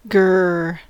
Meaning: 1. Sound of an animal growl 2. Expression of anger or disappointment
- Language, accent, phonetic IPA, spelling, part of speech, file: English, US, [ɡɚːː], grr, interjection, En-us-grr.ogg